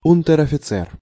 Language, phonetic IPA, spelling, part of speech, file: Russian, [ˌunʲtʲɪr ɐfʲɪˈt͡sɛr], унтер-офицер, noun, Ru-унтер-офицер.ogg
- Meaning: non-commissioned officer; corporal; petty officer